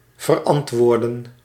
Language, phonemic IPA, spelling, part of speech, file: Dutch, /vəˈrɑntʋoːrdə(n)/, verantwoorden, verb, Nl-verantwoorden.ogg
- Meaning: to justify, be responsible for